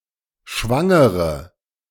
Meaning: inflection of schwanger: 1. strong/mixed nominative/accusative feminine singular 2. strong nominative/accusative plural 3. weak nominative all-gender singular
- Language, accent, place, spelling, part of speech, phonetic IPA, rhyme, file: German, Germany, Berlin, schwangere, adjective, [ˈʃvaŋəʁə], -aŋəʁə, De-schwangere.ogg